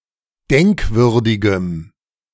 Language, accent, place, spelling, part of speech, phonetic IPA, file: German, Germany, Berlin, denkwürdigem, adjective, [ˈdɛŋkˌvʏʁdɪɡəm], De-denkwürdigem.ogg
- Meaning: strong dative masculine/neuter singular of denkwürdig